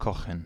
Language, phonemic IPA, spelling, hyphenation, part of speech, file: German, /ˈkɔχən/, kochen, ko‧chen, verb, De-kochen.ogg
- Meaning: 1. to cook, to prepare food (chiefly hot food for lunch or supper) 2. to cook something (in a) liquid (e.g. soup, chili, spaghetti) 3. to boil: (to reach the boiling point)